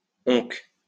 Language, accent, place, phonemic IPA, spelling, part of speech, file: French, France, Lyon, /ɔ̃k/, onques, adverb, LL-Q150 (fra)-onques.wav
- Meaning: 1. one day 2. never